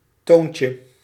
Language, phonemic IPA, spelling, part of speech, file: Dutch, /ˈtoɲcə/, toontje, noun, Nl-toontje.ogg
- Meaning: diminutive of toon